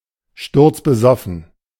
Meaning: falling down drunk, shitfaced, rat-arsed (very drunk)
- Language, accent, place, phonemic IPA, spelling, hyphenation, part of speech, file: German, Germany, Berlin, /ˌʃtʊʁt͡sbəˈzɔfn̩/, sturzbesoffen, sturz‧be‧sof‧fen, adjective, De-sturzbesoffen.ogg